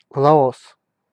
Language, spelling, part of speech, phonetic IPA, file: Russian, Лаос, proper noun, [ɫɐˈos], Ru-Лаос.ogg
- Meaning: 1. Laos (a country in Southeast Asia) 2. Russia